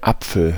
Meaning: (noun) 1. apple (fruit) 2. apple tree 3. breasts 4. abbreviation of Pferdeapfel (“road apple”); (proper noun) a surname
- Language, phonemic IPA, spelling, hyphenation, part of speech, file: German, /ˈapfəl/, Apfel, Ap‧fel, noun / proper noun, De-Apfel.ogg